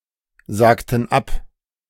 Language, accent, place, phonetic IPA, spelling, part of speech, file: German, Germany, Berlin, [ˌzaːktn̩ ˈap], sagten ab, verb, De-sagten ab.ogg
- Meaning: inflection of absagen: 1. first/third-person plural preterite 2. first/third-person plural subjunctive II